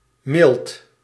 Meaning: mild
- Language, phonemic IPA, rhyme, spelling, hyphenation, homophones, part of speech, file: Dutch, /mɪlt/, -ɪlt, mild, mild, milt / Milt, adjective, Nl-mild.ogg